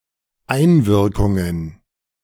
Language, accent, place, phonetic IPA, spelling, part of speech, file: German, Germany, Berlin, [ˈaɪ̯nˌvɪʁkʊŋən], Einwirkungen, noun, De-Einwirkungen.ogg
- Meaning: plural of Einwirkung